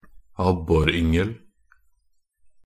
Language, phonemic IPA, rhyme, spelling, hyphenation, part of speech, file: Norwegian Bokmål, /ˈabːɔrʏŋəl/, -əl, abboryngel, ab‧bor‧yng‧el, noun, Nb-abboryngel.ogg
- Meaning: a fry of perch (young perch fishlings)